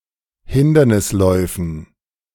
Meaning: dative plural of Hindernislauf
- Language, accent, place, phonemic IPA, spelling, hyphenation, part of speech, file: German, Germany, Berlin, /ˈhɪndɐnɪsˌlɔɪ̯fn̩/, Hindernisläufen, Hin‧der‧nis‧läu‧fen, noun, De-Hindernisläufen.ogg